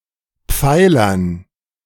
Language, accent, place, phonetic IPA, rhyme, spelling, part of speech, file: German, Germany, Berlin, [ˈp͡faɪ̯lɐn], -aɪ̯lɐn, Pfeilern, noun, De-Pfeilern.ogg
- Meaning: dative plural of Pfeiler